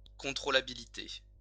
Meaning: controllability
- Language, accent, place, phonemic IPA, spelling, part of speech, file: French, France, Lyon, /kɔ̃.tʁo.la.bi.li.te/, contrôlabilité, noun, LL-Q150 (fra)-contrôlabilité.wav